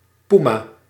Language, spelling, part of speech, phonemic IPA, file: Dutch, poema, noun, /ˈpuma/, Nl-poema.ogg
- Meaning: puma